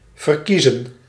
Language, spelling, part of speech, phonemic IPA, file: Dutch, verkiezen, verb, /vərˈkizə(n)/, Nl-verkiezen.ogg
- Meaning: 1. to prefer 2. to elect